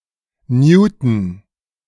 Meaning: newton (unit of measure)
- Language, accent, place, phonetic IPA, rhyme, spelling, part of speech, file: German, Germany, Berlin, [ˈnjuːtn̩], -uːtn̩, Newton, noun / proper noun, De-Newton.ogg